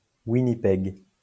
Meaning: 1. Winnipeg (the capital city of Manitoba, Canada) 2. Winnipeg (a large lake in Manitoba, Canada; in full, Lake Winnipeg)
- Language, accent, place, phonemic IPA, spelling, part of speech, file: French, France, Lyon, /wi.ni.pɛɡ/, Winnipeg, proper noun, LL-Q150 (fra)-Winnipeg.wav